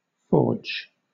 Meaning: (noun) 1. A furnace or hearth where metals are heated prior to hammering them into shape 2. A workshop in which metals are shaped by heating and hammering them
- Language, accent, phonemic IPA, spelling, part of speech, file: English, Southern England, /fɔːd͡ʒ/, forge, noun / verb, LL-Q1860 (eng)-forge.wav